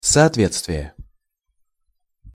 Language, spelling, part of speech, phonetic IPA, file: Russian, соответствие, noun, [sɐɐtˈvʲet͡stvʲɪje], Ru-соответствие.ogg
- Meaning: correspondence, conformity (agreement of situations or objects with an expected outcome)